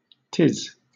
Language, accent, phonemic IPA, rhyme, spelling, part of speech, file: English, Southern England, /tɪz/, -ɪz, 'tis, contraction, LL-Q1860 (eng)-'tis.wav
- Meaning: Contraction of it + is